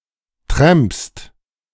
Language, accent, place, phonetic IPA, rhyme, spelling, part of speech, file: German, Germany, Berlin, [tʁɛmpst], -ɛmpst, trampst, verb, De-trampst.ogg
- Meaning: second-person singular present of trampen